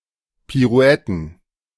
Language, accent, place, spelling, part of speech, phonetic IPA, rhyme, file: German, Germany, Berlin, Pirouetten, noun, [piˈʁu̯ɛtn̩], -ɛtn̩, De-Pirouetten.ogg
- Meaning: plural of Pirouette